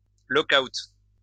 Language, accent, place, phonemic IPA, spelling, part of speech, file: French, France, Lyon, /lɔ.kawt/, lock-out, noun, LL-Q150 (fra)-lock-out.wav
- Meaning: lockout